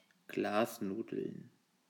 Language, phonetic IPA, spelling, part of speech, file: German, [ˈɡlaːsˌnuːdl̩n], Glasnudeln, noun, De-Glasnudeln.ogg
- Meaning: plural of Glasnudel